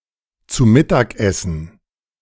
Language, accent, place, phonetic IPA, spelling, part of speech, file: German, Germany, Berlin, [t͡su ˈmɪtaːk ˌɛsn̩], zu Mittag essen, verb, De-zu Mittag essen.ogg
- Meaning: to have lunch